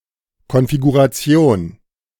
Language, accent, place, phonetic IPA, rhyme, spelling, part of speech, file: German, Germany, Berlin, [ˌkɔnfiɡuʁaˈt͡si̯oːn], -oːn, Konfiguration, noun, De-Konfiguration.ogg
- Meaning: configuration